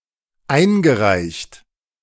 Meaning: past participle of einreichen
- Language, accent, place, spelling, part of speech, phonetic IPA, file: German, Germany, Berlin, eingereicht, verb, [ˈaɪ̯nɡəˌʁaɪ̯çt], De-eingereicht.ogg